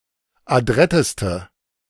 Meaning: inflection of adrett: 1. strong/mixed nominative/accusative feminine singular superlative degree 2. strong nominative/accusative plural superlative degree
- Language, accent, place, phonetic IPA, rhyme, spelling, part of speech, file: German, Germany, Berlin, [aˈdʁɛtəstə], -ɛtəstə, adretteste, adjective, De-adretteste.ogg